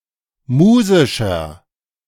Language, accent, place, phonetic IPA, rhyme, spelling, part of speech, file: German, Germany, Berlin, [ˈmuːzɪʃɐ], -uːzɪʃɐ, musischer, adjective, De-musischer.ogg
- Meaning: 1. comparative degree of musisch 2. inflection of musisch: strong/mixed nominative masculine singular 3. inflection of musisch: strong genitive/dative feminine singular